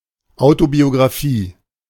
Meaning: autobiography
- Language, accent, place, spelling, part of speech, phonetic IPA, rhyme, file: German, Germany, Berlin, Autobiografie, noun, [aʊ̯tobioɡʁaˈfiː], -iː, De-Autobiografie.ogg